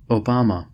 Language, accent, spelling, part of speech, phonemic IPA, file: English, US, Obama, proper noun, /oʊˈbɑ.mə/, En-us-Obama.ogg
- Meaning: 1. An African surname from Luo 2. An African surname from Luo.: Barack Obama, 44th president of the United States (2009–2017)